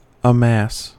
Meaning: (verb) 1. To collect into a mass or heap 2. to gather a great quantity of; to accumulate 3. To accumulate; to assemble; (noun) A large number of things collected or piled together
- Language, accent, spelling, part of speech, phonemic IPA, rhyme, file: English, US, amass, verb / noun, /əˈmæs/, -æs, En-us-amass.ogg